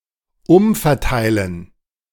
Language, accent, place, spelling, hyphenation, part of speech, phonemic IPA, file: German, Germany, Berlin, umverteilen, um‧ver‧tei‧len, verb, /ˈʊmfɛɐ̯ˌtaɪ̯lən/, De-umverteilen.ogg
- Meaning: to redistribute